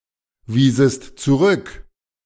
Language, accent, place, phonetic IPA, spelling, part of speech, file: German, Germany, Berlin, [ˌviːzəst t͡suˈʁʏk], wiesest zurück, verb, De-wiesest zurück.ogg
- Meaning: second-person singular subjunctive II of zurückweisen